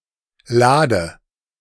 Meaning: 1. drawer 2. chest (large box with a hinged lid)
- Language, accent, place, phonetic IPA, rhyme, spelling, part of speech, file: German, Germany, Berlin, [ˈlaːdə], -aːdə, Lade, noun / proper noun, De-Lade.ogg